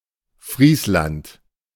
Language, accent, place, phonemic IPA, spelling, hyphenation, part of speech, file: German, Germany, Berlin, /ˈfʁiːsˌlant/, Friesland, Fries‧land, proper noun, De-Friesland.ogg
- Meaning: 1. Frisia (a traditionally Frisian-speaking coastal Western Europe, politically split between Netherlands and Germany) 2. Friesland (a rural district of Lower Saxony, Germany; seat: Jever)